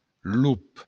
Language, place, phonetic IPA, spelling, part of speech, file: Occitan, Béarn, [ˈlup], lop, noun, LL-Q14185 (oci)-lop.wav
- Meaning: wolf